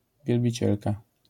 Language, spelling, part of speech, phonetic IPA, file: Polish, wielbicielka, noun, [ˌvʲjɛlbʲiˈt͡ɕɛlka], LL-Q809 (pol)-wielbicielka.wav